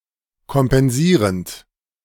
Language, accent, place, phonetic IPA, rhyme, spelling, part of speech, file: German, Germany, Berlin, [kɔmpɛnˈziːʁənt], -iːʁənt, kompensierend, verb, De-kompensierend.ogg
- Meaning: present participle of kompensieren